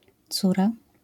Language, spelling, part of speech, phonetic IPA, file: Polish, córa, noun, [ˈt͡sura], LL-Q809 (pol)-córa.wav